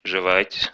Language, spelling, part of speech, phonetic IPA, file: Russian, жевать, verb, [ʐɨˈvatʲ], Ru-жевать.ogg
- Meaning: 1. to chew, to munch 2. to ruminate, to masticate 3. to repeat with tiresome monotony, to repeat something monotonously